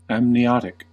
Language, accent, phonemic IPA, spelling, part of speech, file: English, US, /æmniˈɑtɪk/, amniotic, adjective, En-us-amniotic.ogg
- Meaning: Pertaining to the amnion